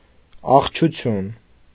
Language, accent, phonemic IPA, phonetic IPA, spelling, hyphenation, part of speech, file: Armenian, Eastern Armenian, /ɑʁd͡ʒuˈtʰjun/, [ɑʁd͡ʒut͡sʰjún], աղջություն, աղ‧ջու‧թյուն, noun, Hy-աղջություն.ogg
- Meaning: darkness